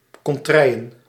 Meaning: regions, areas
- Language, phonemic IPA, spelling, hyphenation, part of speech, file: Dutch, /ˌkɔnˈtrɛi̯.ə(n)/, contreien, con‧trei‧en, noun, Nl-contreien.ogg